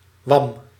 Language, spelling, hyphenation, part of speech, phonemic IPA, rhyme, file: Dutch, wam, wam, noun, /ʋɑm/, -ɑm, Nl-wam.ogg
- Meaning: 1. a belly 2. a stomach 3. a beef dewlap 4. a fish belly cut open